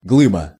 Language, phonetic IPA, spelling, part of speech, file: Russian, [ˈɡɫɨbə], глыба, noun, Ru-глыба.ogg
- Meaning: block, lump, burr, clod, chunk (such as of rock or ice)